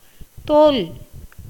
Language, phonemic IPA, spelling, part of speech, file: Tamil, /t̪oːl/, தோல், noun / verb, Ta-தோல்.ogg
- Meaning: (noun) 1. skin 2. hide, leather 3. rind, peel, bark 4. scales (such as those on a fish) 5. pod, seed husk; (verb) 1. to lose, be defeated 2. to fail in comparison; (noun) defeat, loss